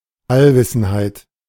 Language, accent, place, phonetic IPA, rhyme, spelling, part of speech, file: German, Germany, Berlin, [alˈvɪsn̩haɪ̯t], -ɪsn̩haɪ̯t, Allwissenheit, noun, De-Allwissenheit.ogg
- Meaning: omniscience